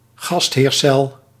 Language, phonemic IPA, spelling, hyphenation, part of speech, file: Dutch, /ˈɣɑst.ɦeːrˌsɛl/, gastheercel, gast‧heer‧cel, noun, Nl-gastheercel.ogg
- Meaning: a host cell